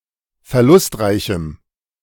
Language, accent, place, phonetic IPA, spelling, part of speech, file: German, Germany, Berlin, [fɛɐ̯ˈlʊstˌʁaɪ̯çm̩], verlustreichem, adjective, De-verlustreichem.ogg
- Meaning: strong dative masculine/neuter singular of verlustreich